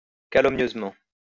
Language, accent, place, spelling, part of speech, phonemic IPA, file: French, France, Lyon, calomnieusement, adverb, /ka.lɔm.njøz.mɑ̃/, LL-Q150 (fra)-calomnieusement.wav
- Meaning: calumniously